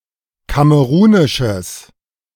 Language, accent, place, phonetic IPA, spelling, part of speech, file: German, Germany, Berlin, [ˈkaməʁuːnɪʃəs], kamerunisches, adjective, De-kamerunisches.ogg
- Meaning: strong/mixed nominative/accusative neuter singular of kamerunisch